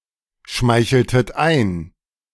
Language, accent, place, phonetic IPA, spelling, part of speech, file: German, Germany, Berlin, [ˌʃmaɪ̯çl̩tət ˈaɪ̯n], schmeicheltet ein, verb, De-schmeicheltet ein.ogg
- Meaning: inflection of einschmeicheln: 1. second-person plural preterite 2. second-person plural subjunctive II